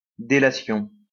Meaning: informing, tattling, denunciation
- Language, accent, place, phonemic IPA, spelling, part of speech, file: French, France, Lyon, /de.la.sjɔ̃/, délation, noun, LL-Q150 (fra)-délation.wav